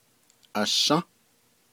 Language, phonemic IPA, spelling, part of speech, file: Navajo, /ʔɑ̀ʃɑ̃́/, ashą́, verb, Nv-ashą́.ogg
- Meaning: first-person singular durative of ayą́